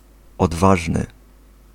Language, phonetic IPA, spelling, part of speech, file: Polish, [ɔdˈvaʒnɨ], odważny, adjective, Pl-odważny.ogg